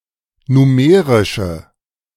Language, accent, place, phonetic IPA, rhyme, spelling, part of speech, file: German, Germany, Berlin, [nuˈmeːʁɪʃə], -eːʁɪʃə, numerische, adjective, De-numerische.ogg
- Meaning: inflection of numerisch: 1. strong/mixed nominative/accusative feminine singular 2. strong nominative/accusative plural 3. weak nominative all-gender singular